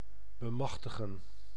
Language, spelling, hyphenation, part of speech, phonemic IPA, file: Dutch, bemachtigen, be‧mach‧ti‧gen, verb, /bəˈmɑxtəɣə(n)/, Nl-bemachtigen.ogg
- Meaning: 1. to acquire with difficulty 2. to subdue, to overpower 3. to empower, to give power to